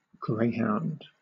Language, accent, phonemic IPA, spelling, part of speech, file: English, Southern England, /ˈɡɹeɪhaʊnd/, greyhound, noun / verb, LL-Q1860 (eng)-greyhound.wav
- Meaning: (noun) 1. A lean breed of dog used in hunting and racing 2. A highball cocktail of vodka and grapefruit juice 3. A swift steamer, especially an ocean steamer